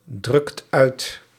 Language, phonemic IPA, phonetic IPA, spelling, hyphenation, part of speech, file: Dutch, /ˌdrʏkt ˈœy̯t/, [ˌdrʏkt ˈœːt], drukt uit, drukt uit, verb, Nl-drukt uit.ogg
- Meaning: inflection of uitdrukken: 1. second/third-person singular present indicative 2. plural imperative